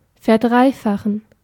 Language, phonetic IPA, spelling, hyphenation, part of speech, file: German, [fɛɐ̯ˈdʁaɪ̯faχn̩], verdreifachen, ver‧drei‧fa‧chen, verb, De-verdreifachen.ogg
- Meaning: 1. to triple (to multiply by three) 2. to triple (to become three times as large)